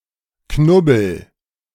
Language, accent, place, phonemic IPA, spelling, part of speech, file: German, Germany, Berlin, /ˈknʊbəl/, Knubbel, noun, De-Knubbel.ogg
- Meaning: 1. knob, knot (a swollen or thick spot on something) 2. knot (of people) 3. a subdivision in certain carnival clubs that are organised on a mock-military basis, equivalent to a platoon